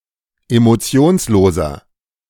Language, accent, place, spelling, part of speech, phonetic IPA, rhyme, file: German, Germany, Berlin, emotionsloser, adjective, [emoˈt͡si̯oːnsˌloːzɐ], -oːnsloːzɐ, De-emotionsloser.ogg
- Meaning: 1. comparative degree of emotionslos 2. inflection of emotionslos: strong/mixed nominative masculine singular 3. inflection of emotionslos: strong genitive/dative feminine singular